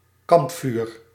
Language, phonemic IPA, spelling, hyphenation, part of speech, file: Dutch, /ˈkɑmpfyr/, kampvuur, kamp‧vuur, noun, Nl-kampvuur.ogg
- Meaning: campfire